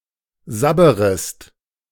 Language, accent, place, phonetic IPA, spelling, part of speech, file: German, Germany, Berlin, [ˈzabəʁəst], sabberest, verb, De-sabberest.ogg
- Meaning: second-person singular subjunctive I of sabbern